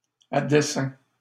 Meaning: purposely, deliberately, intentionally, on purpose, by design
- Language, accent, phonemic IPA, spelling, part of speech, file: French, Canada, /a de.sɛ̃/, à dessein, adverb, LL-Q150 (fra)-à dessein.wav